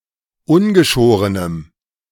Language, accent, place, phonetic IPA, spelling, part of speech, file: German, Germany, Berlin, [ˈʊnɡəˌʃoːʁənəm], ungeschorenem, adjective, De-ungeschorenem.ogg
- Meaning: strong dative masculine/neuter singular of ungeschoren